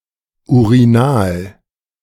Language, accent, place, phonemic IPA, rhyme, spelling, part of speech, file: German, Germany, Berlin, /uʁiˈnaːl/, -aːl, urinal, adjective, De-urinal.ogg
- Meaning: urine; urinal, urinary